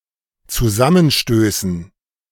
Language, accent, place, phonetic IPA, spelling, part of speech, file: German, Germany, Berlin, [t͡suˈzamənˌʃtøːsn̩], Zusammenstößen, noun, De-Zusammenstößen.ogg
- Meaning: dative plural of Zusammenstoß